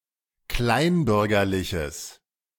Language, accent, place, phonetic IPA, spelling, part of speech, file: German, Germany, Berlin, [ˈklaɪ̯nˌbʏʁɡɐlɪçəs], kleinbürgerliches, adjective, De-kleinbürgerliches.ogg
- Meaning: strong/mixed nominative/accusative neuter singular of kleinbürgerlich